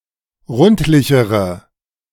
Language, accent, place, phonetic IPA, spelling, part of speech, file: German, Germany, Berlin, [ˈʁʊntlɪçəʁə], rundlichere, adjective, De-rundlichere.ogg
- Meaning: inflection of rundlich: 1. strong/mixed nominative/accusative feminine singular comparative degree 2. strong nominative/accusative plural comparative degree